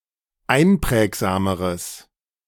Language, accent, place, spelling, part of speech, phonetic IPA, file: German, Germany, Berlin, einprägsameres, adjective, [ˈaɪ̯nˌpʁɛːkzaːməʁəs], De-einprägsameres.ogg
- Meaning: strong/mixed nominative/accusative neuter singular comparative degree of einprägsam